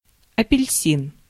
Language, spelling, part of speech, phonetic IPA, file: Russian, апельсин, noun, [ɐpʲɪlʲˈsʲin], Ru-апельсин.ogg
- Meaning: 1. orange tree 2. orange (fruit)